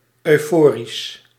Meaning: euphoric
- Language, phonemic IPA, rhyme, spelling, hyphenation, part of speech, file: Dutch, /œy̯ˈfoː.ris/, -oːris, euforisch, eu‧fo‧risch, adjective, Nl-euforisch.ogg